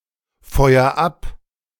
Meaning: inflection of abfeuern: 1. first-person singular present 2. singular imperative
- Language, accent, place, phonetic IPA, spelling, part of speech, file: German, Germany, Berlin, [ˌfɔɪ̯ɐ ˈap], feuer ab, verb, De-feuer ab.ogg